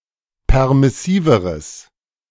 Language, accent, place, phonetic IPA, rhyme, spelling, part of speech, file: German, Germany, Berlin, [ˌpɛʁmɪˈsiːvəʁəs], -iːvəʁəs, permissiveres, adjective, De-permissiveres.ogg
- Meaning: strong/mixed nominative/accusative neuter singular comparative degree of permissiv